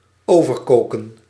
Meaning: to boil over
- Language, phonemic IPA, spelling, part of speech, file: Dutch, /ˈoːvərkoːkə(n)/, overkoken, verb, Nl-overkoken.ogg